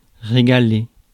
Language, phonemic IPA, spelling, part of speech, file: French, /ʁe.ɡa.le/, régaler, verb, Fr-régaler.ogg
- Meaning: 1. to cook (someone) a really good meal 2. to have a great meal 3. to treat, to serve a treat, to cook up something special